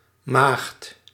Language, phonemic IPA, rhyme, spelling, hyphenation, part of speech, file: Dutch, /maːxt/, -aːxt, maagd, maagd, noun, Nl-maagd.ogg
- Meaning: 1. a maiden, a (female) virgin 2. a virgin of any gender 3. a Virgo; someone born with the star sign Virgo 4. young girl